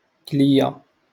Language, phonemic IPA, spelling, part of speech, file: Moroccan Arabic, /klij.ja/, كلية, noun, LL-Q56426 (ary)-كلية.wav
- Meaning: kidney